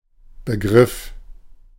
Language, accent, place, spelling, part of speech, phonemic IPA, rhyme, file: German, Germany, Berlin, Begriff, noun, /bəˈɡʁɪf/, -ɪf, De-Begriff.ogg
- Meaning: 1. term, word 2. idea, conception, perception, understanding 3. concept